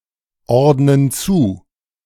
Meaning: inflection of zuordnen: 1. first/third-person plural present 2. first/third-person plural subjunctive I
- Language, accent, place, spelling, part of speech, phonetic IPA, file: German, Germany, Berlin, ordnen zu, verb, [ˌɔʁdnən ˈt͡suː], De-ordnen zu.ogg